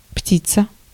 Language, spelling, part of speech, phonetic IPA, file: Russian, птица, noun, [ˈptʲit͡sə], Ru-птица.ogg
- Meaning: bird